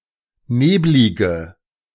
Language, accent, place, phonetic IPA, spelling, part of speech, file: German, Germany, Berlin, [ˈneːblɪɡə], neblige, adjective, De-neblige.ogg
- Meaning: inflection of neblig: 1. strong/mixed nominative/accusative feminine singular 2. strong nominative/accusative plural 3. weak nominative all-gender singular 4. weak accusative feminine/neuter singular